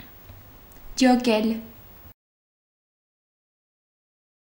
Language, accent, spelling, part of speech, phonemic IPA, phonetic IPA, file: Armenian, Eastern Armenian, ջոկել, verb, /d͡ʒoˈkel/, [d͡ʒokél], Hy-ջոկել.ogg
- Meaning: 1. to distinguish, separate 2. to pick, select, choose 3. to understand, get